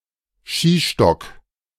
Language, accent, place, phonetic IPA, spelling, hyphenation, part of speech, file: German, Germany, Berlin, [ˈʃiːˌʃtɔk], Skistock, Ski‧stock, noun, De-Skistock.ogg
- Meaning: ski pole, ski stick